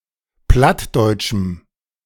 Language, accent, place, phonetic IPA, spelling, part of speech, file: German, Germany, Berlin, [ˈplatdɔɪ̯tʃm̩], plattdeutschem, adjective, De-plattdeutschem.ogg
- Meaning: strong dative masculine/neuter singular of plattdeutsch